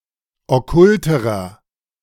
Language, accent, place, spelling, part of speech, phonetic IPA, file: German, Germany, Berlin, okkulterer, adjective, [ɔˈkʊltəʁɐ], De-okkulterer.ogg
- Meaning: inflection of okkult: 1. strong/mixed nominative masculine singular comparative degree 2. strong genitive/dative feminine singular comparative degree 3. strong genitive plural comparative degree